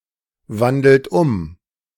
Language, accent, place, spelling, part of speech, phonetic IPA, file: German, Germany, Berlin, wandelt um, verb, [ˌvandl̩t ˈʊm], De-wandelt um.ogg
- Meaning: inflection of umwandeln: 1. second-person plural present 2. third-person singular present 3. plural imperative